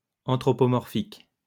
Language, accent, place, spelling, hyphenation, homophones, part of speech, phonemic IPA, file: French, France, Lyon, anthropomorphique, an‧thro‧po‧mor‧phique, anthropomorphiques, adjective, /ɑ̃.tʁɔ.pɔ.mɔʁ.fik/, LL-Q150 (fra)-anthropomorphique.wav
- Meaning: anthropomorphic